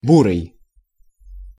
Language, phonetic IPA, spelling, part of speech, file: Russian, [ˈburɨj], бурый, adjective, Ru-бурый.ogg
- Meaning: 1. grayish-brown, dark reddish-brown 2. brown (of bears, coal) 3. liver chestnut (of horses)